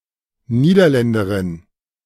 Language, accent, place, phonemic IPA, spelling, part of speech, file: German, Germany, Berlin, /ˈniːdɐˌlɛndɐʁɪn/, Niederländerin, noun, De-Niederländerin.ogg
- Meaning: Dutchwoman (a Dutch woman)